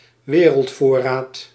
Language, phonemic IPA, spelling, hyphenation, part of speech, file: Dutch, /ˈʋeː.rəltˌfoː.raːt/, wereldvoorraad, we‧reld‧voor‧raad, noun, Nl-wereldvoorraad.ogg
- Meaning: global supply, global stock